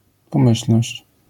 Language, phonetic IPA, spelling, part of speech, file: Polish, [pɔ̃ˈmɨɕl̥nɔɕt͡ɕ], pomyślność, noun, LL-Q809 (pol)-pomyślność.wav